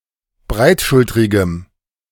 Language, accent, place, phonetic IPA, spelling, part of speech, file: German, Germany, Berlin, [ˈbʁaɪ̯tˌʃʊltʁɪɡəm], breitschultrigem, adjective, De-breitschultrigem.ogg
- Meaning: strong dative masculine/neuter singular of breitschultrig